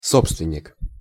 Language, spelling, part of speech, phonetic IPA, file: Russian, собственник, noun, [ˈsopstvʲɪnʲ(ː)ɪk], Ru-собственник.ogg
- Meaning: 1. proprietor, owner 2. someone possessive, someone who seeks to control